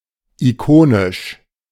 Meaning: iconic
- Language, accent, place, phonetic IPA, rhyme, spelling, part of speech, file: German, Germany, Berlin, [iˈkoːnɪʃ], -oːnɪʃ, ikonisch, adjective, De-ikonisch.ogg